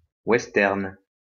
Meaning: western (film genre)
- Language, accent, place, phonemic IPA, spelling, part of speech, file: French, France, Lyon, /wɛs.tɛʁn/, western, noun, LL-Q150 (fra)-western.wav